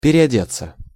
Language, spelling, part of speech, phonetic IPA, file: Russian, переодеться, verb, [pʲɪrʲɪɐˈdʲet͡sːə], Ru-переодеться.ogg
- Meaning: 1. to change (clothing) 2. passive of переоде́ть (pereodétʹ)